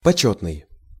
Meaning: honorable (worthy of respect)
- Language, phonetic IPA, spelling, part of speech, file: Russian, [pɐˈt͡ɕɵtnɨj], почётный, adjective, Ru-почётный.ogg